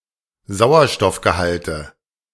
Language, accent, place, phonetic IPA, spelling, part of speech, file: German, Germany, Berlin, [ˈzaʊ̯ɐʃtɔfɡəˌhaltə], Sauerstoffgehalte, noun, De-Sauerstoffgehalte.ogg
- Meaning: nominative/accusative/genitive plural of Sauerstoffgehalt